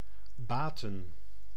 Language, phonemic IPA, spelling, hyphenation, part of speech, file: Dutch, /ˈbaː.tə(n)/, baten, ba‧ten, verb / noun, Nl-baten.ogg
- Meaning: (verb) to avail; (noun) plural of baat